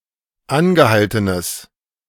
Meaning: strong/mixed nominative/accusative neuter singular of angehalten
- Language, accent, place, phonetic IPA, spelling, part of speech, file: German, Germany, Berlin, [ˈanɡəˌhaltənəs], angehaltenes, adjective, De-angehaltenes.ogg